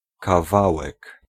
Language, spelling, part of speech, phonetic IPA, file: Polish, kawałek, noun, [kaˈvawɛk], Pl-kawałek.ogg